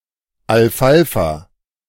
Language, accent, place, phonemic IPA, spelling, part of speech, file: German, Germany, Berlin, /ˌalˈfalfa/, Alfalfa, noun, De-Alfalfa.ogg
- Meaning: alfalfa (Medicago sativa)